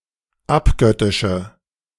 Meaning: inflection of abgöttisch: 1. strong/mixed nominative/accusative feminine singular 2. strong nominative/accusative plural 3. weak nominative all-gender singular
- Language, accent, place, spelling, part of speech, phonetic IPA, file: German, Germany, Berlin, abgöttische, adjective, [ˈapˌɡœtɪʃə], De-abgöttische.ogg